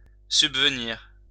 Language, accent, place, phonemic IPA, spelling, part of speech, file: French, France, Lyon, /syb.və.niʁ/, subvenir, verb, LL-Q150 (fra)-subvenir.wav
- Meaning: to provide for, to meet